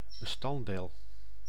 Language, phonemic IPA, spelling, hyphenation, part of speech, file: Dutch, /bəˈstɑn(t)ˌdeːl/, bestanddeel, be‧stand‧deel, noun, Nl-bestanddeel.ogg
- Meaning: 1. ingredient (one of the parts of a whole) 2. component, element